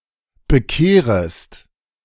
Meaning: second-person singular subjunctive I of bekehren
- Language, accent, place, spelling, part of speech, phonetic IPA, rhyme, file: German, Germany, Berlin, bekehrest, verb, [bəˈkeːʁəst], -eːʁəst, De-bekehrest.ogg